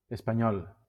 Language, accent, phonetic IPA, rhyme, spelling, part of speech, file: Catalan, Valencia, [es.paˈɲɔl], -ɔl, espanyol, adjective / noun / proper noun, LL-Q7026 (cat)-espanyol.wav
- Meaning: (adjective) Spanish (pertaining to Spain or the Spanish language); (noun) Spaniard; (proper noun) Spanish (a Romance language primarily spoken in Spain and in the Americas)